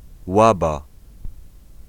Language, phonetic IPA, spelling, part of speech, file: Polish, [ˈwaba], Łaba, proper noun, Pl-Łaba.ogg